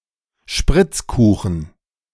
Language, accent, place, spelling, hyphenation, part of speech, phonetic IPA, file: German, Germany, Berlin, Spritzkuchen, Spritz‧ku‧chen, noun, [ˈʃpʁɪt͡sˌkuːxn̩], De-Spritzkuchen.ogg
- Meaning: pastry made of choux pastry and formed as a ring (similar to doughnuts) with a pastry bag (see photo) that is fried (and generally has a sugar icing)